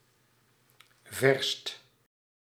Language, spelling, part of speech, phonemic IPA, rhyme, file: Dutch, verst, adjective, /vɛrst/, -ɛrst, Nl-verst.ogg
- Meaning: 1. superlative degree of ver 2. superlative degree of vers